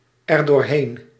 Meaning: pronominal adverb form of doorheen + het
- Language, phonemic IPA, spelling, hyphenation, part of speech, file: Dutch, /ɛr.doːrˈɦeːn/, erdoorheen, er‧door‧heen, adverb, Nl-erdoorheen.ogg